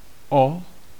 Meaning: 1. about 2. for 3. indicating extent of difference (with comparatives)
- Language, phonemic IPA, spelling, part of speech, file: Czech, /o/, o, preposition, Cs-o.ogg